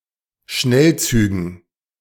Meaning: dative plural of Schnellzug
- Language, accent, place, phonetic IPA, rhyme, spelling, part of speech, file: German, Germany, Berlin, [ˈʃnɛlˌt͡syːɡn̩], -ɛlt͡syːɡn̩, Schnellzügen, noun, De-Schnellzügen.ogg